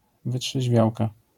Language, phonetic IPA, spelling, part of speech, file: Polish, [ˌvɨṭʃɛʑˈvʲjawka], wytrzeźwiałka, noun, LL-Q809 (pol)-wytrzeźwiałka.wav